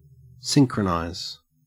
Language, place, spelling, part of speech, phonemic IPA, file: English, Queensland, synchronize, verb, /ˈsɪŋ.kɹəˌnɑez/, En-au-synchronize.ogg
- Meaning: To cause two or more events or actions to happen at exactly the same time or same rate, or in a time-coordinated way.: To occur at the same time or with coordinated timing